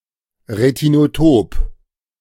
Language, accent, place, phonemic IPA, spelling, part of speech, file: German, Germany, Berlin, /ʁetinoˈtoːp/, retinotop, adjective, De-retinotop.ogg
- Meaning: retinotopic